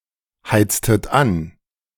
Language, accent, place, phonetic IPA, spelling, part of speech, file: German, Germany, Berlin, [ˌhaɪ̯t͡stət ˈan], heiztet an, verb, De-heiztet an.ogg
- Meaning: inflection of anheizen: 1. second-person plural preterite 2. second-person plural subjunctive II